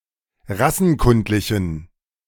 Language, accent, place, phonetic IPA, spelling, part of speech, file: German, Germany, Berlin, [ˈʁasn̩ˌkʊntlɪçn̩], rassenkundlichen, adjective, De-rassenkundlichen.ogg
- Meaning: inflection of rassenkundlich: 1. strong genitive masculine/neuter singular 2. weak/mixed genitive/dative all-gender singular 3. strong/weak/mixed accusative masculine singular 4. strong dative plural